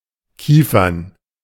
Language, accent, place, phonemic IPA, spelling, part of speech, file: German, Germany, Berlin, /ˈkiːfɐn/, kiefern, adjective, De-kiefern.ogg
- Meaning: pine (wood)